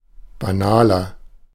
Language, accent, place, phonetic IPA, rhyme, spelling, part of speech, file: German, Germany, Berlin, [baˈnaːlɐ], -aːlɐ, banaler, adjective, De-banaler.ogg
- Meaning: 1. comparative degree of banal 2. inflection of banal: strong/mixed nominative masculine singular 3. inflection of banal: strong genitive/dative feminine singular